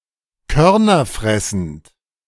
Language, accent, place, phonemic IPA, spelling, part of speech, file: German, Germany, Berlin, /ˈkœʁnɐˌfʁɛsn̩t/, körnerfressend, adjective, De-körnerfressend.ogg
- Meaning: granivorous